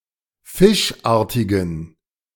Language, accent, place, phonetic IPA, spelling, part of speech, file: German, Germany, Berlin, [ˈfɪʃˌʔaːɐ̯tɪɡn̩], fischartigen, adjective, De-fischartigen.ogg
- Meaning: inflection of fischartig: 1. strong genitive masculine/neuter singular 2. weak/mixed genitive/dative all-gender singular 3. strong/weak/mixed accusative masculine singular 4. strong dative plural